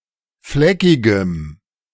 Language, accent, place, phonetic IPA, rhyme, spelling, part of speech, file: German, Germany, Berlin, [ˈflɛkɪɡəm], -ɛkɪɡəm, fleckigem, adjective, De-fleckigem.ogg
- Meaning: strong dative masculine/neuter singular of fleckig